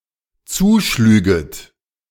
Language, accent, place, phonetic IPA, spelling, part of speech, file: German, Germany, Berlin, [ˈt͡suːˌʃlyːɡət], zuschlüget, verb, De-zuschlüget.ogg
- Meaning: second-person plural dependent subjunctive II of zuschlagen